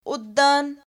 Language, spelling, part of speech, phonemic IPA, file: Punjabi, ਓਦਣ, adverb, /oː.d̪əɳ/, Pa-ਓਦਣ.ogg
- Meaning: 1. on that day 2. back then